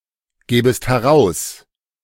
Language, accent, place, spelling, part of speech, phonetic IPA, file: German, Germany, Berlin, gäbest heraus, verb, [ˌɡɛːbəst hɛˈʁaʊ̯s], De-gäbest heraus.ogg
- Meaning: second-person singular subjunctive II of herausgeben